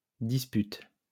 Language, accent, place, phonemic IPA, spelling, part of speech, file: French, France, Lyon, /dis.pyt/, disputes, verb, LL-Q150 (fra)-disputes.wav
- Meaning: second-person singular present indicative/subjunctive of disputer